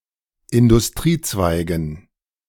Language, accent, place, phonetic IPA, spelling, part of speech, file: German, Germany, Berlin, [ɪndʊsˈtʁiːˌt͡svaɪ̯ɡn̩], Industriezweigen, noun, De-Industriezweigen.ogg
- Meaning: dative plural of Industriezweig